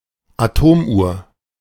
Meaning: atomic clock
- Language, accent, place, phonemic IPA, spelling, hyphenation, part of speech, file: German, Germany, Berlin, /aˈtoːmˌʔu(ː)ɐ̯/, Atomuhr, Atom‧uhr, noun, De-Atomuhr.ogg